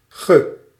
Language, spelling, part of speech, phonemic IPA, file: Dutch, ge, pronoun, /ɣə/, Nl-ge.ogg
- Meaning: unstressed form of gij (“you”)